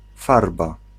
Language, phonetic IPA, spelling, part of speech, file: Polish, [ˈfarba], farba, noun, Pl-farba.ogg